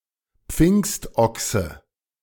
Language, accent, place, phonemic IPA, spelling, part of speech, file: German, Germany, Berlin, /ˈpfɪŋstʔɔksə/, Pfingstochse, noun, De-Pfingstochse.ogg
- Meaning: to be dressed to the nines